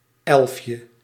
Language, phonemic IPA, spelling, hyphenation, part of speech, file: Dutch, /ˈɛlf.jə/, elfje, elf‧je, noun, Nl-elfje.ogg
- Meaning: 1. diminutive of elf 2. elevenie, a type of eleven-word free-form cinquain